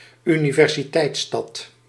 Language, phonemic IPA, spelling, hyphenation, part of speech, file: Dutch, /y.ni.vɛr.ziˈtɛi̯tˌstɑt/, universiteitsstad, uni‧ver‧si‧teits‧stad, noun, Nl-universiteitsstad.ogg
- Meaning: university town, college town